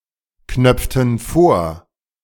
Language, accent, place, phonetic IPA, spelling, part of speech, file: German, Germany, Berlin, [ˌknœp͡ftn̩ ˈfoːɐ̯], knöpften vor, verb, De-knöpften vor.ogg
- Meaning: inflection of vorknöpfen: 1. first/third-person plural preterite 2. first/third-person plural subjunctive II